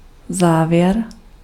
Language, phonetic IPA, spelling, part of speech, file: Czech, [ˈzaːvjɛr], závěr, noun, Cs-závěr.ogg
- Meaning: 1. conclusion 2. cadence (chord progression which concludes a piece of music, section or musical phrases within it)